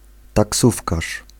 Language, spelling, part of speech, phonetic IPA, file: Polish, taksówkarz, noun, [taˈksufkaʃ], Pl-taksówkarz.ogg